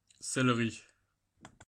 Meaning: saddlery
- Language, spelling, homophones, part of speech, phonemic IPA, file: French, sellerie, céleri, noun, /sɛl.ʁi/, Fr-sellerie.ogg